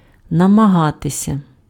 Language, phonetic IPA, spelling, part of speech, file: Ukrainian, [nɐmɐˈɦatesʲɐ], намагатися, verb, Uk-намагатися.ogg
- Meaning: to try, to attempt, to endeavour (UK), to endeavor (US)